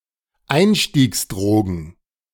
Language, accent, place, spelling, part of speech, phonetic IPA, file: German, Germany, Berlin, Einstiegsdrogen, noun, [ˈaɪ̯nʃtiːksˌdʁoːɡn̩], De-Einstiegsdrogen.ogg
- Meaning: plural of Einstiegsdroge